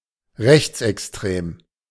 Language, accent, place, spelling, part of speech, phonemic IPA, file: German, Germany, Berlin, rechtsextrem, adjective, /rɛçtsɛkstrɛm/, De-rechtsextrem.ogg
- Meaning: far-right